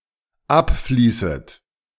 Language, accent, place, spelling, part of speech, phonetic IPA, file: German, Germany, Berlin, abfließet, verb, [ˈapˌfliːsət], De-abfließet.ogg
- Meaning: second-person plural dependent subjunctive I of abfließen